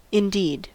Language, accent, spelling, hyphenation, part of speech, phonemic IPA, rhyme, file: English, General American, indeed, in‧deed, adverb / interjection, /ɪnˈdid/, -iːd, En-us-indeed.ogg
- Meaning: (adverb) 1. Synonym of actually or truly 2. In fact; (interjection) Indicates agreement with another speaker's previous statement